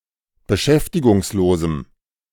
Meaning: strong dative masculine/neuter singular of beschäftigungslos
- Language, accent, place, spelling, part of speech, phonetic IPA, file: German, Germany, Berlin, beschäftigungslosem, adjective, [bəˈʃɛftɪɡʊŋsˌloːzm̩], De-beschäftigungslosem.ogg